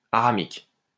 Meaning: Aramaic
- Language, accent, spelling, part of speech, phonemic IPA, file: French, France, aramique, adjective, /a.ʁa.mik/, LL-Q150 (fra)-aramique.wav